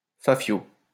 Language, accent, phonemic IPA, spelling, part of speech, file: French, France, /fa.fjo/, fafiot, noun, LL-Q150 (fra)-fafiot.wav
- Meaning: 1. banknote 2. cheat sheet 3. any written paper